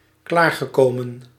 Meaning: past participle of klaarkomen
- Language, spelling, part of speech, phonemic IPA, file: Dutch, klaargekomen, verb, /ˈklarɣəˌkomə(n)/, Nl-klaargekomen.ogg